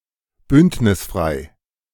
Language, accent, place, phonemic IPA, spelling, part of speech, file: German, Germany, Berlin, /ˈbʏnt.nɪsˌfʁaɪ̯/, bündnisfrei, adjective, De-bündnisfrei.ogg
- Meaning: neutral, nonaligned